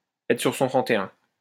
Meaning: to be dressed to the nines, to be dressed to kill
- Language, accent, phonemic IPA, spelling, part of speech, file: French, France, /ɛ.tʁə syʁ sɔ̃ tʁɑ̃t e œ̃/, être sur son trente et un, verb, LL-Q150 (fra)-être sur son trente et un.wav